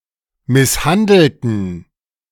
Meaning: inflection of misshandeln: 1. first/third-person plural preterite 2. first/third-person plural subjunctive II
- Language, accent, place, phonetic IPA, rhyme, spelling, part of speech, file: German, Germany, Berlin, [ˌmɪsˈhandl̩tn̩], -andl̩tn̩, misshandelten, adjective / verb, De-misshandelten.ogg